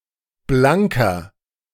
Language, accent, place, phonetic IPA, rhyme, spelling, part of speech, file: German, Germany, Berlin, [ˈblaŋkɐ], -aŋkɐ, blanker, adjective, De-blanker.ogg
- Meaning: inflection of blank: 1. strong/mixed nominative masculine singular 2. strong genitive/dative feminine singular 3. strong genitive plural